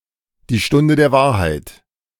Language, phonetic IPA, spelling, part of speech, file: German, [diː ˈʃtʊndə deːɐ̯ ˈvaːɐ̯haɪ̯t], die Stunde der Wahrheit, phrase, De-die Stunde der Wahrheit.ogg